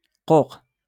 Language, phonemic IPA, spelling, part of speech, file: Moroccan Arabic, /quːq/, قوق, noun, LL-Q56426 (ary)-قوق.wav
- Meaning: artichoke